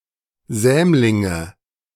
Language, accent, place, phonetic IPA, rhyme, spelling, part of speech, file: German, Germany, Berlin, [ˈzɛːmlɪŋə], -ɛːmlɪŋə, Sämlinge, noun, De-Sämlinge.ogg
- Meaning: nominative/accusative/genitive plural of Sämling